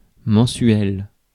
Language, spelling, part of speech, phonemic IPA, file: French, mensuel, adjective / noun, /mɑ̃.sɥɛl/, Fr-mensuel.ogg
- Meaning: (adjective) monthly; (noun) a monthly: a newspaper or magazine that is published monthly